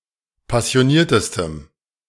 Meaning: strong dative masculine/neuter singular superlative degree of passioniert
- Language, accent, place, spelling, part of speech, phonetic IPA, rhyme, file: German, Germany, Berlin, passioniertestem, adjective, [pasi̯oˈniːɐ̯təstəm], -iːɐ̯təstəm, De-passioniertestem.ogg